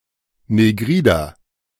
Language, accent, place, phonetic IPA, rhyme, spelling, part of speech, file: German, Germany, Berlin, [neˈɡʁiːdɐ], -iːdɐ, negrider, adjective, De-negrider.ogg
- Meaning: inflection of negrid: 1. strong/mixed nominative masculine singular 2. strong genitive/dative feminine singular 3. strong genitive plural